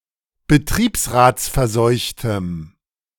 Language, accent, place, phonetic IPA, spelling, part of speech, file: German, Germany, Berlin, [bəˈtʁiːpsʁaːt͡sfɛɐ̯ˌzɔɪ̯çtəm], betriebsratsverseuchtem, adjective, De-betriebsratsverseuchtem.ogg
- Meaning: strong dative masculine/neuter singular of betriebsratsverseucht